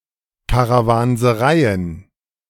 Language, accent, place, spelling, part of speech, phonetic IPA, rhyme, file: German, Germany, Berlin, Karawansereien, noun, [kaʁavanzəˈʁaɪ̯ən], -aɪ̯ən, De-Karawansereien.ogg
- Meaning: plural of Karawanserei